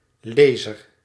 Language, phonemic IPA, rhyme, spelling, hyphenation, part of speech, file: Dutch, /ˈleː.zər/, -eːzər, lezer, le‧zer, noun, Nl-lezer.ogg
- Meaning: 1. a reader, person who reads a text 2. a reader, device to read one or more parameters, often numerically expressed, or a whole encrypted (e.g. audio-visual) file